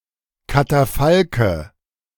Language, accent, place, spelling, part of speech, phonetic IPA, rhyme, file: German, Germany, Berlin, Katafalke, noun, [kataˈfalkə], -alkə, De-Katafalke.ogg
- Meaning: nominative/accusative/genitive plural of Katafalk